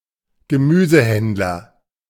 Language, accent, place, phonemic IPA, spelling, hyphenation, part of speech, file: German, Germany, Berlin, /ɡəˈmyːzəˌhɛndlɐ/, Gemüsehändler, Ge‧mü‧se‧händ‧ler, noun, De-Gemüsehändler.ogg
- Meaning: greengrocer